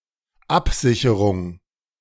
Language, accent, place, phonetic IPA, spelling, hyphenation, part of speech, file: German, Germany, Berlin, [ˈapˌzɪçəʁʊŋ], Absicherung, Ab‧si‧che‧rung, noun, De-Absicherung.ogg
- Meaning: 1. coverage 2. protection, safeguard, hedge